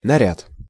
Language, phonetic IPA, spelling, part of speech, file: Russian, [nɐˈrʲat], наряд, noun, Ru-наряд.ogg
- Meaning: 1. outfit, attire, dress, formal wear (a formal outfit or one's best clothes, worn for a holiday; usually a woman's) 2. assignment, commission, order 3. work order, invoice for services